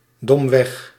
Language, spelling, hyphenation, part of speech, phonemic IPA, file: Dutch, domweg, dom‧weg, adverb, /ˈdɔm.ʋɛx/, Nl-domweg.ogg
- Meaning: stupidly, simply (in a negative sense)